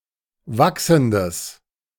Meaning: strong/mixed nominative/accusative neuter singular of wachsend
- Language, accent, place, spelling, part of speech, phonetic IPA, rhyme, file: German, Germany, Berlin, wachsendes, adjective, [ˈvaksn̩dəs], -aksn̩dəs, De-wachsendes.ogg